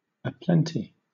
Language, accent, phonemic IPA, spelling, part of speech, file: English, Southern England, /əˈplɛnti/, aplenty, adjective / adverb, LL-Q1860 (eng)-aplenty.wav
- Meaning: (adjective) In a generous or overlarge quantity; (adverb) Enough or more than enough